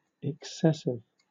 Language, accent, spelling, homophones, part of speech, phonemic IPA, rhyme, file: English, Southern England, excessive, exessive, adjective, /ɪkˈsɛsɪv/, -ɛsɪv, LL-Q1860 (eng)-excessive.wav
- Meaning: Exceeding the usual bounds of something; too much (of amount); extravagant; immoderate